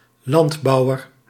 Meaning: farmer
- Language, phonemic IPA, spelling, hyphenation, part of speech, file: Dutch, /lɑntbɑuwər/, landbouwer, land‧bou‧wer, noun, Nl-landbouwer.ogg